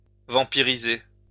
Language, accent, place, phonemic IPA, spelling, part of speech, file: French, France, Lyon, /vɑ̃.pi.ʁi.ze/, vampiriser, verb, LL-Q150 (fra)-vampiriser.wav
- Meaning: to vampirize